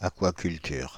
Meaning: aquaculture
- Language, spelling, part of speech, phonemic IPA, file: French, aquaculture, noun, /a.kwa.kyl.tyʁ/, Fr-aquaculture.ogg